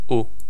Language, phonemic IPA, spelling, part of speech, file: Serbo-Croatian, /u/, u, character / preposition, Sr-u.ogg
- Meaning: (character) The twenty-seventh letter of the Serbo-Croatian alphabet (gajica), written in the Latin script; preceded by t and followed by v